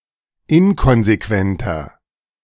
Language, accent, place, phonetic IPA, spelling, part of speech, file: German, Germany, Berlin, [ˈɪnkɔnzeˌkvɛntɐ], inkonsequenter, adjective, De-inkonsequenter.ogg
- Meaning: 1. comparative degree of inkonsequent 2. inflection of inkonsequent: strong/mixed nominative masculine singular 3. inflection of inkonsequent: strong genitive/dative feminine singular